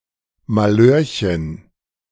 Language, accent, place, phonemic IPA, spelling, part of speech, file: German, Germany, Berlin, /maˈløːrçən/, Malheurchen, noun, De-Malheurchen.ogg
- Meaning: 1. diminutive of Malheur: little mishap 2. an unplanned child; especially one born out of wedlock